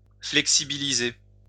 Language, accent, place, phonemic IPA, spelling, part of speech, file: French, France, Lyon, /flɛk.si.bi.li.ze/, flexibiliser, verb, LL-Q150 (fra)-flexibiliser.wav
- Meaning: 1. to make supple, to make flexible 2. to become supple